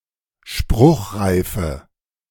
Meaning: inflection of spruchreif: 1. strong/mixed nominative/accusative feminine singular 2. strong nominative/accusative plural 3. weak nominative all-gender singular
- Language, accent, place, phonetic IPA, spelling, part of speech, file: German, Germany, Berlin, [ˈʃpʁʊxʁaɪ̯fə], spruchreife, adjective, De-spruchreife.ogg